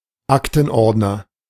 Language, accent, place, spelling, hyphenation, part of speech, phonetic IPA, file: German, Germany, Berlin, Aktenordner, Ak‧ten‧ord‧ner, noun, [ˈaktn̩ˌʔɔʁdnɐ], De-Aktenordner.ogg
- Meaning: ring binder